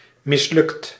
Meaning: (adjective) failed; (verb) 1. inflection of mislukken: second/third-person singular present indicative 2. inflection of mislukken: plural imperative 3. past participle of mislukken
- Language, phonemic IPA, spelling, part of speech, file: Dutch, /mɪsˈlʏkt/, mislukt, verb / adjective, Nl-mislukt.ogg